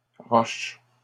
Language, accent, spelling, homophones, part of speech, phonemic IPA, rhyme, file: French, Canada, roches, roche, noun, /ʁɔʃ/, -ɔʃ, LL-Q150 (fra)-roches.wav
- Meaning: plural of roche